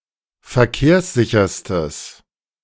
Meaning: strong/mixed nominative/accusative neuter singular superlative degree of verkehrssicher
- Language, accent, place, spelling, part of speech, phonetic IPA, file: German, Germany, Berlin, verkehrssicherstes, adjective, [fɛɐ̯ˈkeːɐ̯sˌzɪçɐstəs], De-verkehrssicherstes.ogg